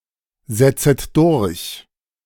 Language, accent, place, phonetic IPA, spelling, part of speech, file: German, Germany, Berlin, [ˌzɛt͡sət ˈdʊʁç], setzet durch, verb, De-setzet durch.ogg
- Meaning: second-person plural subjunctive I of durchsetzen